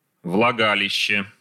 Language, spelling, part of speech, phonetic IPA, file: Russian, влагалище, noun, [vɫɐˈɡalʲɪɕːe], Ru-влагалище.ogg
- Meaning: vagina (verbal noun of влага́ть (vlagátʹ) (nomen loci))